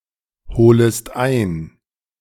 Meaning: second-person singular subjunctive I of einholen
- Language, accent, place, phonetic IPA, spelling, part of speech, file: German, Germany, Berlin, [ˌhoːləst ˈaɪ̯n], holest ein, verb, De-holest ein.ogg